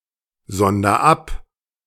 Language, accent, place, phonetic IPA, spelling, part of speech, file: German, Germany, Berlin, [ˌzɔndɐ ˈap], sonder ab, verb, De-sonder ab.ogg
- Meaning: inflection of absondern: 1. first-person singular present 2. singular imperative